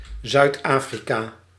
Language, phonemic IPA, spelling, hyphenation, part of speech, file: Dutch, /ˌzœy̯tˈaː.fri.kaː/, Zuid-Afrika, Zuid-Afri‧ka, proper noun, Nl-Zuid-Afrika.ogg
- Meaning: South Africa (a country in Southern Africa)